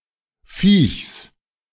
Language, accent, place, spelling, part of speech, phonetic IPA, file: German, Germany, Berlin, Viechs, noun, [fiːçs], De-Viechs.ogg
- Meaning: genitive singular of Viech